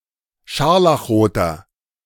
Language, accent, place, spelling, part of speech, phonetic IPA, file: German, Germany, Berlin, scharlachroter, adjective, [ˈʃaʁlaxˌʁoːtɐ], De-scharlachroter.ogg
- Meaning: inflection of scharlachrot: 1. strong/mixed nominative masculine singular 2. strong genitive/dative feminine singular 3. strong genitive plural